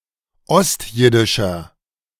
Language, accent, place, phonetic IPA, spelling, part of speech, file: German, Germany, Berlin, [ˈɔstˌjɪdɪʃɐ], ostjiddischer, adjective, De-ostjiddischer.ogg
- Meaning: inflection of ostjiddisch: 1. strong/mixed nominative masculine singular 2. strong genitive/dative feminine singular 3. strong genitive plural